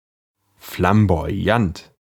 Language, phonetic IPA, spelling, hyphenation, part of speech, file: German, [flãbo̯aˈjant], flamboyant, flam‧bo‧yant, adjective, De-flamboyant.ogg
- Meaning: flamboyant